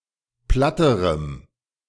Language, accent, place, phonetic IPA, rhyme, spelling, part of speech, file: German, Germany, Berlin, [ˈplatəʁəm], -atəʁəm, platterem, adjective, De-platterem.ogg
- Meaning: strong dative masculine/neuter singular comparative degree of platt